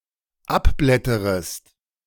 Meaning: second-person singular dependent subjunctive I of abblättern
- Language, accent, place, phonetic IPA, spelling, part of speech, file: German, Germany, Berlin, [ˈapˌblɛtəʁəst], abblätterest, verb, De-abblätterest.ogg